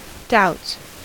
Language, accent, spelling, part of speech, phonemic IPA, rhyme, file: English, US, doubts, noun / verb, /daʊts/, -aʊts, En-us-doubts.ogg
- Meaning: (noun) plural of doubt; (verb) third-person singular simple present indicative of doubt